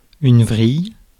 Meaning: 1. tendril 2. gimlet 3. spiral 4. tailspin, spin 5. lesbian
- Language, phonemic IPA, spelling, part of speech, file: French, /vʁij/, vrille, noun, Fr-vrille.ogg